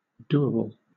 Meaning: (adjective) 1. Possible to do; feasible 2. Worthy of sexual conquest; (noun) Something that can be done; a possible or practical task
- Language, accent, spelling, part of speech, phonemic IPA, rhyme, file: English, Southern England, doable, adjective / noun, /ˈduː.ə.bəl/, -uːəbəl, LL-Q1860 (eng)-doable.wav